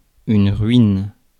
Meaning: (noun) 1. ruin, wreck 2. ruin; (verb) inflection of ruiner: 1. first/third-person singular present indicative/subjunctive 2. second-person singular imperative
- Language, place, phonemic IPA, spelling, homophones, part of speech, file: French, Paris, /ʁɥin/, ruine, ruinent / ruines, noun / verb, Fr-ruine.ogg